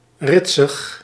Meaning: randy, in heat, horny, lewd
- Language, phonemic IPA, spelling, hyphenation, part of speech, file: Dutch, /ˈrɪt.səx/, ritsig, rit‧sig, adjective, Nl-ritsig.ogg